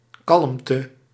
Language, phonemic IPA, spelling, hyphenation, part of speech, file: Dutch, /ˈkɑlm.tə/, kalmte, kalm‧te, noun, Nl-kalmte.ogg
- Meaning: calmness, calm